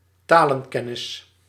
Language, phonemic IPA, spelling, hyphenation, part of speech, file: Dutch, /ˈtaː.lə(n)ˌkɛ.nɪs/, talenkennis, ta‧len‧ken‧nis, noun, Nl-talenkennis.ogg
- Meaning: knowledge of languages